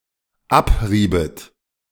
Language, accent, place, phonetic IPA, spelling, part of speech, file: German, Germany, Berlin, [ˈapˌʁiːpst], abriebst, verb, De-abriebst.ogg
- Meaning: second-person singular dependent preterite of abreiben